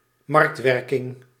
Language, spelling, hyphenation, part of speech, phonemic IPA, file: Dutch, marktwerking, markt‧wer‧king, noun, /ˈmɑrktˌʋɛr.kɪŋ/, Nl-marktwerking.ogg
- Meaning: market functioning, market mechanism, market function(s)